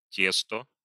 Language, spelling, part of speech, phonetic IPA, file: Russian, тесто, noun, [ˈtʲestə], Ru-тесто.ogg